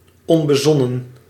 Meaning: 1. rash, careless, reckless 2. not well considered, ill-conceived
- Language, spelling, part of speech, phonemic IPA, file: Dutch, onbezonnen, adjective, /ɔn.bəˈzɔ.nə(n)/, Nl-onbezonnen.ogg